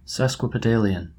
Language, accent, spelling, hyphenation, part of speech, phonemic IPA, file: English, General American, sesquipedalian, ses‧qui‧pe‧da‧li‧an, adjective / noun, /ˌsɛs.kwɪ.pɪˈdeɪ.lɪ.ən/, En-us-sesquipedalian.oga
- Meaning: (adjective) 1. Long; polysyllabic 2. Pertaining to or given to the use of overly long words; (noun) 1. A long word 2. A person who uses long words